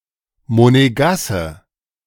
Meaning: a person from Monaco
- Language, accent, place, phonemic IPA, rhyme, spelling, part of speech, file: German, Germany, Berlin, /moneˈɡasə/, -asə, Monegasse, noun, De-Monegasse.ogg